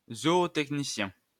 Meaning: zootechnician
- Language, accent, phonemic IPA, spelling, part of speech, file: French, France, /zɔ.o.tɛk.ni.sjɛ̃/, zootechnicien, noun, LL-Q150 (fra)-zootechnicien.wav